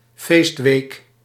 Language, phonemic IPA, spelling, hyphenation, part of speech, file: Dutch, /ˈfeːst.ʋeːk/, feestweek, feest‧week, noun, Nl-feestweek.ogg
- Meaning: festival week